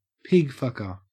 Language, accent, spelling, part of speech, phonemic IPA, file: English, Australia, pigfucker, noun, /ˈpɪɡˌfʌkɚ/, En-au-pigfucker.ogg
- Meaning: 1. Term of abuse 2. One who has sex with overweight women 3. A police informant